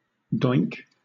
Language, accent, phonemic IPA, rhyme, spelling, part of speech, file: English, Southern England, /dɔɪŋk/, -ɔɪŋk, doink, verb / noun / interjection, LL-Q1860 (eng)-doink.wav
- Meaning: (verb) 1. To have sex with 2. To bounce after a collision 3. To bump or hit; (noun) 1. A fool; a jerk; a worthless person 2. A joint (cannabis cigarette)